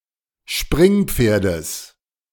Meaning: genitive singular of Springpferd
- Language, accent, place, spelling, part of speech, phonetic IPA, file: German, Germany, Berlin, Springpferdes, noun, [ˈʃpʁɪŋˌp͡feːɐ̯dəs], De-Springpferdes.ogg